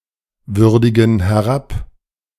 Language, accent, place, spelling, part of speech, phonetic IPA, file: German, Germany, Berlin, würdigen herab, verb, [ˌvʏʁdɪɡn̩ hɛˈʁap], De-würdigen herab.ogg
- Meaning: inflection of herabwürdigen: 1. first/third-person plural present 2. first/third-person plural subjunctive I